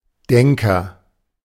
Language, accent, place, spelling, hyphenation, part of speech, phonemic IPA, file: German, Germany, Berlin, Denker, Den‧ker, noun / proper noun, /ˈdɛŋkɐ/, De-Denker.ogg
- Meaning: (noun) thinker, philosopher; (proper noun) a surname